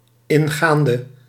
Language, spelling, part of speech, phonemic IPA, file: Dutch, ingaande, preposition / verb / adjective, /ˈɪŋɣandə/, Nl-ingaande.ogg
- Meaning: inflection of ingaand: 1. masculine/feminine singular attributive 2. definite neuter singular attributive 3. plural attributive